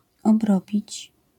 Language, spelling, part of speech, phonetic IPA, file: Polish, obrobić, verb, [ɔbˈrɔbʲit͡ɕ], LL-Q809 (pol)-obrobić.wav